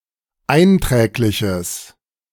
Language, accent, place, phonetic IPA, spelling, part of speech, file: German, Germany, Berlin, [ˈaɪ̯nˌtʁɛːklɪçəs], einträgliches, adjective, De-einträgliches.ogg
- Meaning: strong/mixed nominative/accusative neuter singular of einträglich